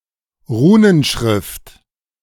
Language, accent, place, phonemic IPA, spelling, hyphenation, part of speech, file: German, Germany, Berlin, /ˈʁuːnənˌʃʁɪft/, Runenschrift, Ru‧nen‧schrift, noun, De-Runenschrift.ogg
- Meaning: runic writing